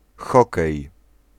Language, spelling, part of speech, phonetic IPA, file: Polish, hokej, noun, [ˈxɔkɛj], Pl-hokej.ogg